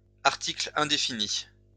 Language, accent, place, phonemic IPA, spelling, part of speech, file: French, France, Lyon, /aʁ.ti.kl‿ɛ̃.de.fi.ni/, article indéfini, noun, LL-Q150 (fra)-article indéfini.wav
- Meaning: indefinite article